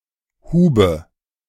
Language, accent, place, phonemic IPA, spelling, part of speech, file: German, Germany, Berlin, /ˈhuːbə/, Hube, noun / proper noun, De-Hube.ogg
- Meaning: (noun) archaic form of Hufe (“historic measure of land”); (proper noun) a German surname; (noun) dative singular of Hub